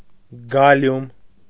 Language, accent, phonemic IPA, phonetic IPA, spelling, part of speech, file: Armenian, Eastern Armenian, /ɡɑˈljum/, [ɡɑljúm], գալիում, noun, Hy-գալիում.ogg
- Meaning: gallium